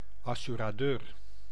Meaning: an insurer, an insurance agent; generally related to insurances against damage or loss
- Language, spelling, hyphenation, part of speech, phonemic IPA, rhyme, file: Dutch, assuradeur, as‧su‧ra‧deur, noun, /ˌɑ.sy.raːˈdøːr/, -øːr, Nl-assuradeur.ogg